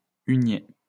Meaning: topsail (sail above the course sail)
- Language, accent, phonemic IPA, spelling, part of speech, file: French, France, /y.nje/, hunier, noun, LL-Q150 (fra)-hunier.wav